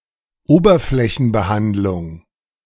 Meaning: finish (surface treatment)
- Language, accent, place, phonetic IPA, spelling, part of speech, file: German, Germany, Berlin, [ˈoːbɐflɛçn̩bəˌhantlʊŋ], Oberflächenbehandlung, noun, De-Oberflächenbehandlung.ogg